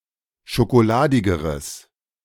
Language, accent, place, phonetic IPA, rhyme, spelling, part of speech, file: German, Germany, Berlin, [ʃokoˈlaːdɪɡəʁəs], -aːdɪɡəʁəs, schokoladigeres, adjective, De-schokoladigeres.ogg
- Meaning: strong/mixed nominative/accusative neuter singular comparative degree of schokoladig